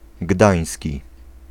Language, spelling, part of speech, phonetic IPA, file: Polish, gdański, adjective, [ˈɡdãj̃sʲci], Pl-gdański.ogg